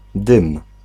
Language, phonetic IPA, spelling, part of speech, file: Polish, [dɨ̃m], dym, noun / verb, Pl-dym.ogg